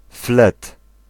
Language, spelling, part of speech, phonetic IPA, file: Polish, flet, noun, [flɛt], Pl-flet.ogg